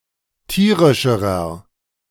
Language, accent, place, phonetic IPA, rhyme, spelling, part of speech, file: German, Germany, Berlin, [ˈtiːʁɪʃəʁɐ], -iːʁɪʃəʁɐ, tierischerer, adjective, De-tierischerer.ogg
- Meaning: inflection of tierisch: 1. strong/mixed nominative masculine singular comparative degree 2. strong genitive/dative feminine singular comparative degree 3. strong genitive plural comparative degree